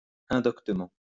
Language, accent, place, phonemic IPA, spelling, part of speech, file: French, France, Lyon, /ɛ̃.dɔk.tə.mɑ̃/, indoctement, adverb, LL-Q150 (fra)-indoctement.wav
- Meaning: unlearnedly